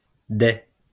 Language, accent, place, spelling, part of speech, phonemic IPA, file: French, France, Lyon, dais, noun, /dɛ/, LL-Q150 (fra)-dais.wav
- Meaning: 1. dais 2. canopy, baldaquin